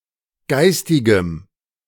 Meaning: strong dative masculine/neuter singular of geistig
- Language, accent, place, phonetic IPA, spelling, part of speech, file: German, Germany, Berlin, [ˈɡaɪ̯stɪɡəm], geistigem, adjective, De-geistigem.ogg